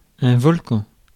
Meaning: volcano
- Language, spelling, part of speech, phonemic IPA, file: French, volcan, noun, /vɔl.kɑ̃/, Fr-volcan.ogg